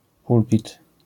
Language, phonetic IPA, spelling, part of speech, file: Polish, [ˈpulpʲit], pulpit, noun, LL-Q809 (pol)-pulpit.wav